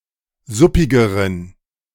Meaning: inflection of suppig: 1. strong genitive masculine/neuter singular comparative degree 2. weak/mixed genitive/dative all-gender singular comparative degree
- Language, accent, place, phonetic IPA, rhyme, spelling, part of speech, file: German, Germany, Berlin, [ˈzʊpɪɡəʁən], -ʊpɪɡəʁən, suppigeren, adjective, De-suppigeren.ogg